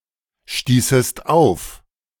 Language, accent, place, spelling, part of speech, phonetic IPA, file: German, Germany, Berlin, stießest auf, verb, [ˌʃtiːsəst ˈaʊ̯f], De-stießest auf.ogg
- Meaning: second-person singular subjunctive II of aufstoßen